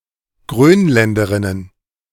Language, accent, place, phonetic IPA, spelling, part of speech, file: German, Germany, Berlin, [ˈɡʁøːnˌlɛndəʁɪnən], Grönländerinnen, noun, De-Grönländerinnen.ogg
- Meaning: plural of Grönländerin